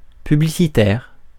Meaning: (adjective) publicity; advertising; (noun) publicist, publicity agent, adman, adwoman
- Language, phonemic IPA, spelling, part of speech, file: French, /py.bli.si.tɛʁ/, publicitaire, adjective / noun, Fr-publicitaire.ogg